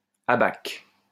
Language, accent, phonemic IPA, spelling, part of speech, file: French, France, /a.bak/, abaque, noun, LL-Q150 (fra)-abaque.wav
- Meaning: 1. an abacus for counting 2. the abacus of a column 3. a nomogram